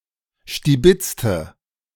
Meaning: inflection of stibitzen: 1. first/third-person singular preterite 2. first/third-person singular subjunctive II
- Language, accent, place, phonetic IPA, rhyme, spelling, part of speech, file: German, Germany, Berlin, [ʃtiˈbɪt͡stə], -ɪt͡stə, stibitzte, adjective / verb, De-stibitzte.ogg